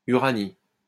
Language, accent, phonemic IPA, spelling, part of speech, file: French, France, /y.ʁa.ni/, Uranie, proper noun, LL-Q150 (fra)-Uranie.wav
- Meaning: Urania